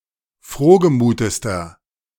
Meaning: inflection of frohgemut: 1. strong/mixed nominative masculine singular superlative degree 2. strong genitive/dative feminine singular superlative degree 3. strong genitive plural superlative degree
- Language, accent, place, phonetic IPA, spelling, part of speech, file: German, Germany, Berlin, [ˈfʁoːɡəˌmuːtəstɐ], frohgemutester, adjective, De-frohgemutester.ogg